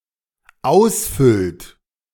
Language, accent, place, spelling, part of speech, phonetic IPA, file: German, Germany, Berlin, ausfüllt, verb, [ˈaʊ̯sˌfʏlt], De-ausfüllt.ogg
- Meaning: inflection of ausfüllen: 1. third-person singular dependent present 2. second-person plural dependent present